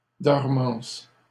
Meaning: dormancy
- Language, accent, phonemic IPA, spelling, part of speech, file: French, Canada, /dɔʁ.mɑ̃s/, dormance, noun, LL-Q150 (fra)-dormance.wav